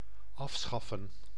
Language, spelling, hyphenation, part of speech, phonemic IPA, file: Dutch, afschaffen, af‧schaf‧fen, verb, /ˈɑfˌsxɑ.fə(n)/, Nl-afschaffen.ogg
- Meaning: to abolish, abrogate